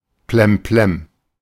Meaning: nuts, crazy
- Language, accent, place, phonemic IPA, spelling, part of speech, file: German, Germany, Berlin, /plɛmˈplɛm/, plemplem, adjective, De-plemplem.ogg